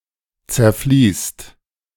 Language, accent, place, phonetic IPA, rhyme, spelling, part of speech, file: German, Germany, Berlin, [t͡sɛɐ̯ˈfliːst], -iːst, zerfließt, verb, De-zerfließt.ogg
- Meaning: inflection of zerfließen: 1. second/third-person singular present 2. second-person plural present 3. plural imperative